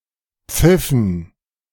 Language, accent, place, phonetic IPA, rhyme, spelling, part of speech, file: German, Germany, Berlin, [ˈp͡fɪfn̩], -ɪfn̩, Pfiffen, noun, De-Pfiffen.ogg
- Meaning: dative plural of Pfiff